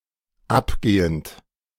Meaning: present participle of abgehen
- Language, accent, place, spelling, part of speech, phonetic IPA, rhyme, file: German, Germany, Berlin, abgehend, verb, [ˈapˌɡeːənt], -apɡeːənt, De-abgehend.ogg